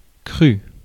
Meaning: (adjective) raw (uncooked, unprocessed); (verb) past participle of croire; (noun) 1. growth 2. vineyard; vintage
- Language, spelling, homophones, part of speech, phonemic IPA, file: French, cru, crû / crue, adjective / verb / noun, /kʁy/, Fr-cru.ogg